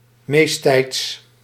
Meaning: most of the time, usually
- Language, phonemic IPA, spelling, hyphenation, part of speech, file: Dutch, /ˈmeːs.tɛi̯ts/, meesttijds, meest‧tijds, adverb, Nl-meesttijds.ogg